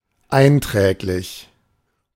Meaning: profitable
- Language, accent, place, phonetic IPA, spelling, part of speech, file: German, Germany, Berlin, [ˈaɪ̯nˌtʁɛːklɪç], einträglich, adjective, De-einträglich.ogg